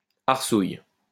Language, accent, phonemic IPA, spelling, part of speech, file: French, France, /aʁ.suj/, arsouille, noun, LL-Q150 (fra)-arsouille.wav
- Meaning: ruffian